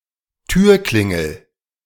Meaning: doorbell
- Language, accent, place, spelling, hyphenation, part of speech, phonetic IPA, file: German, Germany, Berlin, Türklingel, Tür‧klin‧gel, noun, [ˈtyːɐ̯ˌklɪŋl̩], De-Türklingel.ogg